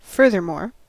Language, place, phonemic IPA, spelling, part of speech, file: English, California, /ˈfɝ.ðɚˌmoɹ/, furthermore, adverb / adjective, En-us-furthermore.ogg
- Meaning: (adverb) In addition; besides; further; what's more (i.e. to denote additional information)